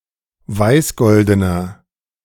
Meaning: inflection of weißgolden: 1. strong/mixed nominative masculine singular 2. strong genitive/dative feminine singular 3. strong genitive plural
- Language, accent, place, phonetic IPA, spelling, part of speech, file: German, Germany, Berlin, [ˈvaɪ̯sˌɡɔldənɐ], weißgoldener, adjective, De-weißgoldener.ogg